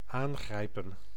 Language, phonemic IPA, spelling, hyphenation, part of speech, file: Dutch, /ˈaːŋɣrɛi̯pə(n)/, aangrijpen, aan‧grij‧pen, verb, Nl-aangrijpen.ogg
- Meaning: 1. to suddenly grasp, to seize (to quickly take hold of) 2. to seize (an opportunity), to take advantage 3. to move, to stir (arouse strong feelings in) 4. (military) to attack